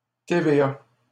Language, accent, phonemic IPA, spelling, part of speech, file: French, Canada, /te.ve.a/, TVA, noun, LL-Q150 (fra)-TVA.wav
- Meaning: 1. initialism of taxe sur la valeur ajoutée: VAT (value-added tax) 2. initialism of Téléviseurs / Télédiffuseurs associés (“Associated Telecasters”)